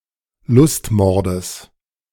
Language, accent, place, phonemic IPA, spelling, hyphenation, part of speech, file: German, Germany, Berlin, /ˈlʊstˌmɔrdəs/, Lustmordes, Lust‧mor‧des, noun, De-Lustmordes.ogg
- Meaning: genitive singular of Lustmord